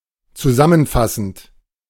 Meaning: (verb) present participle of zusammenfassen; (adjective) summarizing
- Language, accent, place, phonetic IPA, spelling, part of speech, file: German, Germany, Berlin, [t͡suˈzamənˌfasn̩t], zusammenfassend, verb, De-zusammenfassend.ogg